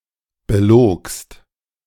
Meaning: second-person singular preterite of belügen
- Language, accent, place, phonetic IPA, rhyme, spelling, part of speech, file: German, Germany, Berlin, [bəˈloːkst], -oːkst, belogst, verb, De-belogst.ogg